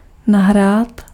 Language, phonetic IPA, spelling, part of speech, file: Czech, [ˈnaɦraːt], nahrát, verb, Cs-nahrát.ogg
- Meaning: 1. to upload 2. to record